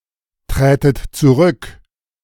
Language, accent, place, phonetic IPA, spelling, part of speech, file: German, Germany, Berlin, [ˌtʁɛːtət t͡suˈʁʏk], trätet zurück, verb, De-trätet zurück.ogg
- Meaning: second-person plural subjunctive II of zurücktreten